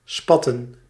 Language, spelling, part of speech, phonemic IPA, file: Dutch, spatten, verb / noun, /ˈspɑ.tə(n)/, Nl-spatten.ogg
- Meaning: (verb) 1. to splatter, splash 2. the failure of the formwork of a concrete structure due to the lateral pressure of the concrete 3. rail bending due to expansion; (noun) plural of spat